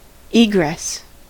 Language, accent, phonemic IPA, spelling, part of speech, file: English, US, /ˈiːɡɹɛs/, egress, noun, En-us-egress.ogg
- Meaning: 1. An exit or way out 2. The process of exiting or leaving 3. The end of the transit of a celestial body through the disk of an apparently larger one